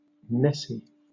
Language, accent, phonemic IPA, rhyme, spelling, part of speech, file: English, Southern England, /ˈnɛsi/, -ɛsi, Nessie, proper noun, LL-Q1860 (eng)-Nessie.wav
- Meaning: 1. The Loch Ness monster 2. A diminutive of the female given name Agnes